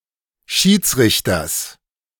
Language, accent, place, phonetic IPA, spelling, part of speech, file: German, Germany, Berlin, [ˈʃiːt͡sˌʁɪçtɐs], Schiedsrichters, noun, De-Schiedsrichters.ogg
- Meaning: genitive singular of Schiedsrichter